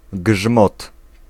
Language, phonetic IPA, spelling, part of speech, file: Polish, [ɡʒmɔt], grzmot, noun, Pl-grzmot.ogg